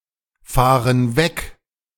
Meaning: inflection of wegfahren: 1. first/third-person plural present 2. first/third-person plural subjunctive I
- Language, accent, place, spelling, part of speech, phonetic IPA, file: German, Germany, Berlin, fahren weg, verb, [ˌfaːʁən ˈvɛk], De-fahren weg.ogg